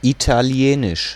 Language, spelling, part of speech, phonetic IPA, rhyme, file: German, Italienisch, noun, [ˌitaˈli̯eːnɪʃ], -eːnɪʃ, De-Italienisch.ogg
- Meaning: the Italian language